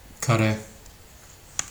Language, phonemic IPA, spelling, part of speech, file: Turkish, /ka.ɾe/, kare, noun, Tr tr kare.ogg
- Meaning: 1. square 2. "#" symbol on a telephone, hash, octothorpe, pound